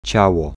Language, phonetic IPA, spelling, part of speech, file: Polish, [ˈt͡ɕawɔ], ciało, noun, Pl-ciało.ogg